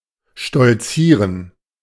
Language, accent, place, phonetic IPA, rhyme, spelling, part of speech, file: German, Germany, Berlin, [ʃtɔlˈt͡siːʁən], -iːʁən, stolzieren, verb, De-stolzieren.ogg
- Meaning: to strut, to swagger (walk haughtily or proudly)